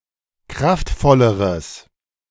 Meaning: strong/mixed nominative/accusative neuter singular comparative degree of kraftvoll
- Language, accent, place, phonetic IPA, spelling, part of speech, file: German, Germany, Berlin, [ˈkʁaftˌfɔləʁəs], kraftvolleres, adjective, De-kraftvolleres.ogg